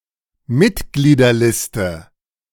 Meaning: list of members
- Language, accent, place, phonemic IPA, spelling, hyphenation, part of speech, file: German, Germany, Berlin, /ˈmɪtɡliːdɐˌlɪstə/, Mitgliederliste, Mit‧glie‧der‧lis‧te, noun, De-Mitgliederliste.ogg